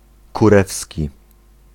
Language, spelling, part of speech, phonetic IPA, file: Polish, kurewski, adjective, [kuˈrɛfsʲci], Pl-kurewski.ogg